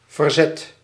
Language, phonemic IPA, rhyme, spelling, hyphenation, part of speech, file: Dutch, /vərˈzɛt/, -ɛt, verzet, ver‧zet, noun / verb, Nl-verzet.ogg
- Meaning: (noun) 1. resistance 2. resistance movement 3. a diversion, an activity that distracts the mind 4. compensation, a fee paid to reimburse for losses or damages